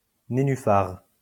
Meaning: waterlily, nenuphar
- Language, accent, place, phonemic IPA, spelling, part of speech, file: French, France, Lyon, /ne.ny.faʁ/, nénufar, noun, LL-Q150 (fra)-nénufar.wav